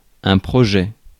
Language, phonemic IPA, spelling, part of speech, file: French, /pʁɔ.ʒɛ/, projet, noun, Fr-projet.ogg
- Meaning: 1. project 2. plan 3. draft constitution